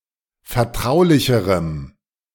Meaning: strong dative masculine/neuter singular comparative degree of vertraulich
- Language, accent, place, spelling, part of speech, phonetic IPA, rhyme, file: German, Germany, Berlin, vertraulicherem, adjective, [fɛɐ̯ˈtʁaʊ̯lɪçəʁəm], -aʊ̯lɪçəʁəm, De-vertraulicherem.ogg